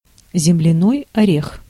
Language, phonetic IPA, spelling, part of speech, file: Russian, [zʲɪmlʲɪˈnoj ɐˈrʲex], земляной орех, noun, Ru-земляной орех.ogg
- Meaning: 1. peanut 2. tiger nut, chufa